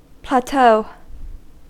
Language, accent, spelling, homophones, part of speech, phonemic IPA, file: English, US, plateau, plateaux, noun / verb, /plæˈtoʊ/, En-us-plateau.ogg
- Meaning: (noun) 1. A largely level expanse of land at a high elevation; tableland 2. A comparatively stable level after a period of increase. (of a varying quantity)